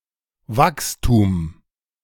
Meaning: growth
- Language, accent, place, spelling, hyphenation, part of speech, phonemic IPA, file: German, Germany, Berlin, Wachstum, Wachs‧tum, noun, /ˈvakstuːm/, De-Wachstum.ogg